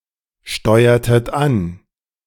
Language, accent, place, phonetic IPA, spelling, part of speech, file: German, Germany, Berlin, [ˌʃtɔɪ̯ɐtət ˈan], steuertet an, verb, De-steuertet an.ogg
- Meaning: inflection of ansteuern: 1. second-person plural preterite 2. second-person plural subjunctive II